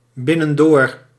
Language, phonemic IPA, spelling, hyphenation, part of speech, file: Dutch, /ˌbɪ.nə(n)ˈdoːr/, binnendoor, bin‧nen‧door, adverb, Nl-binnendoor.ogg
- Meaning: via a shortcut